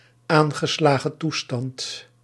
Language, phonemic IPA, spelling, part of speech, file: Dutch, /ˈaːn.ɣə.slaː.ɣə(n)ˈtu.stɑnt/, aangeslagen toestand, noun, Nl-aangeslagen toestand.ogg
- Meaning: excited state